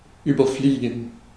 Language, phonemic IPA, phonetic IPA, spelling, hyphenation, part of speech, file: German, /ˌyːbəʁˈfliːɡən/, [ˌyːbɐˈfliːɡŋ̍], überfliegen, über‧flie‧gen, verb, De-überfliegen.ogg
- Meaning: 1. to fly over 2. to skim; flick through (read quickly, skipping some detail)